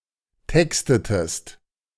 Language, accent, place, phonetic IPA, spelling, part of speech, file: German, Germany, Berlin, [ˈtɛkstətəst], textetest, verb, De-textetest.ogg
- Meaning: inflection of texten: 1. second-person singular preterite 2. second-person singular subjunctive II